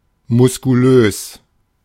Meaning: 1. muscular (having well-developed muscles) 2. strong; robust; vigorous
- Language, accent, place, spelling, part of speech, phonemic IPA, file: German, Germany, Berlin, muskulös, adjective, /mʊskuˈløːs/, De-muskulös.ogg